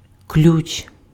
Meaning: 1. key 2. wrench, spanner, screw wrench 3. clue, key 4. clef, key 5. radical (in Chinese characters)
- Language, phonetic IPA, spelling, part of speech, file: Ukrainian, [klʲut͡ʃ], ключ, noun, Uk-ключ.ogg